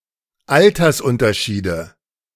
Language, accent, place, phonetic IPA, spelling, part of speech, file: German, Germany, Berlin, [ˈaltɐsˌʔʊntɐʃiːdə], Altersunterschiede, noun, De-Altersunterschiede.ogg
- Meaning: nominative/accusative/genitive plural of Altersunterschied